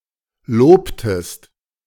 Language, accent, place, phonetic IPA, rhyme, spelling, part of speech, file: German, Germany, Berlin, [ˈloːptəst], -oːptəst, lobtest, verb, De-lobtest.ogg
- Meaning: inflection of loben: 1. second-person singular preterite 2. second-person singular subjunctive II